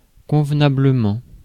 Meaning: 1. appropriately 2. accordingly; suitably
- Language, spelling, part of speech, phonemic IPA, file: French, convenablement, adverb, /kɔ̃v.na.blə.mɑ̃/, Fr-convenablement.ogg